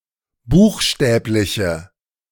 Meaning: inflection of buchstäblich: 1. strong/mixed nominative/accusative feminine singular 2. strong nominative/accusative plural 3. weak nominative all-gender singular
- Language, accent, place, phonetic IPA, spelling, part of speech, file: German, Germany, Berlin, [ˈbuːxˌʃtɛːplɪçə], buchstäbliche, adjective, De-buchstäbliche.ogg